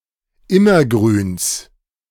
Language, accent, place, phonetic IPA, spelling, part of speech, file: German, Germany, Berlin, [ˈɪmɐˌɡʁyːns], Immergrüns, noun, De-Immergrüns.ogg
- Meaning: genitive singular of Immergrün